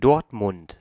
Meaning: 1. Dortmund (a major independent city in Ruhr Area, North Rhine-Westphalia, Germany) 2. ellipsis of Borussia Dortmund (“football club”)
- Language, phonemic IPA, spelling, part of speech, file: German, /ˈdɔrtmʊnt/, Dortmund, proper noun, De-Dortmund.ogg